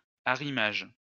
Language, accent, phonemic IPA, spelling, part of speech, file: French, France, /a.ʁi.maʒ/, arrimage, noun, LL-Q150 (fra)-arrimage.wav
- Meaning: stowage